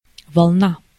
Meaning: 1. wave 2. wavelength 3. wool of sheep or goats
- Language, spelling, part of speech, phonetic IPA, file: Russian, волна, noun, [vɐɫˈna], Ru-волна.ogg